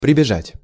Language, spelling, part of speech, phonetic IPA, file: Russian, прибежать, verb, [prʲɪbʲɪˈʐatʲ], Ru-прибежать.ogg
- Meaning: to come running